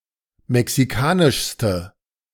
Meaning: inflection of mexikanisch: 1. strong/mixed nominative/accusative feminine singular superlative degree 2. strong nominative/accusative plural superlative degree
- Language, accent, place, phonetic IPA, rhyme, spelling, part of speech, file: German, Germany, Berlin, [mɛksiˈkaːnɪʃstə], -aːnɪʃstə, mexikanischste, adjective, De-mexikanischste.ogg